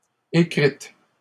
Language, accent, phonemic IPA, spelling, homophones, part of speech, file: French, Canada, /e.kʁit/, écrite, écrites, verb, LL-Q150 (fra)-écrite.wav
- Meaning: feminine singular of écrit